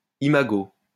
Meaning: 1. imago (final stage of insect) 2. imago (idealized image of a loved one)
- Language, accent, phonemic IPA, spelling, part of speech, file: French, France, /i.ma.ɡo/, imago, noun, LL-Q150 (fra)-imago.wav